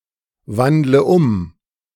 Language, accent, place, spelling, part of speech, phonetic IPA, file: German, Germany, Berlin, wandle um, verb, [ˌvandlə ˈʊm], De-wandle um.ogg
- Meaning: inflection of umwandeln: 1. first-person singular present 2. first/third-person singular subjunctive I 3. singular imperative